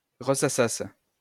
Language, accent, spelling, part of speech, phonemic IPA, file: French, France, ressassasses, verb, /ʁə.sa.sas/, LL-Q150 (fra)-ressassasses.wav
- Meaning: second-person singular imperfect subjunctive of ressasser